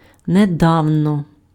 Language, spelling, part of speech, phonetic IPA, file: Ukrainian, недавно, adverb, [neˈdau̯nɔ], Uk-недавно.ogg
- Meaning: recently, not long ago, newly, lately